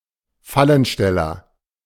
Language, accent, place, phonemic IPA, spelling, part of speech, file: German, Germany, Berlin, /ˈfalənˌʃtɛlɐ/, Fallensteller, noun, De-Fallensteller.ogg
- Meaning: trapper